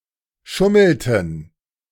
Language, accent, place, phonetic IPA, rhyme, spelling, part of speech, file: German, Germany, Berlin, [ˈʃʊml̩tn̩], -ʊml̩tn̩, schummelten, verb, De-schummelten.ogg
- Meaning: inflection of schummeln: 1. first/third-person plural preterite 2. first/third-person plural subjunctive II